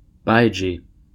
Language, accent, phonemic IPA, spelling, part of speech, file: English, US, /ˈbaɪd͡ʒi/, baiji, noun, En-us-baiji.ogg
- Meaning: 1. A freshwater dolphin (†Lipotes vexillifer), only found in the Yangtze River, and declared functionally extinct in 2006 2. Alternative form of bai ji